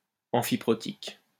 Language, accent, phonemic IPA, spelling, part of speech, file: French, France, /ɑ̃.fi.pʁɔ.tik/, amphiprotique, adjective, LL-Q150 (fra)-amphiprotique.wav
- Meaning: amphiprotic